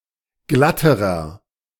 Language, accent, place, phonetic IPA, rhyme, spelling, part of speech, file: German, Germany, Berlin, [ˈɡlatəʁɐ], -atəʁɐ, glatterer, adjective, De-glatterer.ogg
- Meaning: inflection of glatt: 1. strong/mixed nominative masculine singular comparative degree 2. strong genitive/dative feminine singular comparative degree 3. strong genitive plural comparative degree